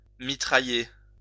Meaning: 1. to machine-gun, to fire 2. to snap away (take many photos of) 3. to pummel (have hard sex with)
- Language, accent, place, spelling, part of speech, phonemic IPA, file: French, France, Lyon, mitrailler, verb, /mi.tʁa.je/, LL-Q150 (fra)-mitrailler.wav